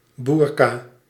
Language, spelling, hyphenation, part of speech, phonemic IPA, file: Dutch, boerka, boer‧ka, noun, /ˈbur.kaː/, Nl-boerka.ogg
- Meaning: burka